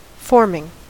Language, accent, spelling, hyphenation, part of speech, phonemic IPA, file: English, US, forming, form‧ing, verb / noun, /ˈfɔɹmɪŋ/, En-us-forming.ogg
- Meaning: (verb) present participle and gerund of form; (noun) The act by which something is formed; formation